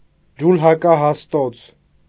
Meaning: loom (weaving machine)
- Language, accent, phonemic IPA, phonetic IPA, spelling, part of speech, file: Armenian, Eastern Armenian, /d͡ʒulhɑkɑhɑsˈtot͡sʰ/, [d͡ʒulhɑkɑhɑstót͡sʰ], ջուլհակահաստոց, noun, Hy-ջուլհակահաստոց.ogg